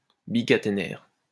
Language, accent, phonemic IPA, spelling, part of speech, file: French, France, /bi.ka.te.nɛʁ/, bicaténaire, adjective, LL-Q150 (fra)-bicaténaire.wav
- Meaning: double-stranded